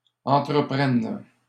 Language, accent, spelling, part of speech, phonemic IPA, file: French, Canada, entreprenne, verb, /ɑ̃.tʁə.pʁɛn/, LL-Q150 (fra)-entreprenne.wav
- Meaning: first/third-person singular present subjunctive of entreprendre